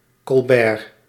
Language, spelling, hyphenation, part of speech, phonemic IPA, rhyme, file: Dutch, colbert, col‧bert, noun, /kɔlˈbɛːr/, -ɛːr, Nl-colbert.ogg
- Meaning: a formal jacket without tails